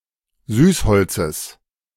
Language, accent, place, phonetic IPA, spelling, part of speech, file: German, Germany, Berlin, [ˈzyːsˌhɔlt͡səs], Süßholzes, noun, De-Süßholzes.ogg
- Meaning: genitive singular of Süßholz